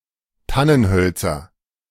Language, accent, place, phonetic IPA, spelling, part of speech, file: German, Germany, Berlin, [ˈtanənˌhœlt͡sɐ], Tannenhölzer, noun, De-Tannenhölzer.ogg
- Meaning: nominative/accusative/genitive plural of Tannenholz